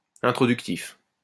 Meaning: introductory
- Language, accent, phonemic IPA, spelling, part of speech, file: French, France, /ɛ̃.tʁɔ.dyk.tif/, introductif, adjective, LL-Q150 (fra)-introductif.wav